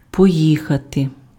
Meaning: to go (by vehicle), to drive, to ride
- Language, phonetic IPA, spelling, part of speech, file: Ukrainian, [pɔˈjixɐte], поїхати, verb, Uk-поїхати.ogg